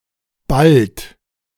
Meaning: inflection of ballen: 1. third-person singular present 2. second-person plural present 3. plural imperative
- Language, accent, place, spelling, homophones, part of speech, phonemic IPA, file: German, Germany, Berlin, ballt, bald, verb, /balt/, De-ballt.ogg